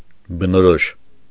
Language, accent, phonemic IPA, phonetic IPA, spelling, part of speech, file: Armenian, Eastern Armenian, /bənoˈɾoʃ/, [bənoɾóʃ], բնորոշ, adjective, Hy-բնորոշ.ogg
- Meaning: characteristic, typical